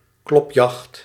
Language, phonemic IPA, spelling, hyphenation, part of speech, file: Dutch, /ˈklɔp.jɑxt/, klopjacht, klop‧jacht, noun, Nl-klopjacht.ogg
- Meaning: 1. battue, hunt where game is driven into the open by loud beating sounds 2. manhunt or (less common) raid, an organised pursuit of a targeted person